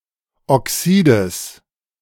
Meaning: genitive singular of Oxid
- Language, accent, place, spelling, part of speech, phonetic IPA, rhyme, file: German, Germany, Berlin, Oxides, noun, [ɔˈksiːdəs], -iːdəs, De-Oxides.ogg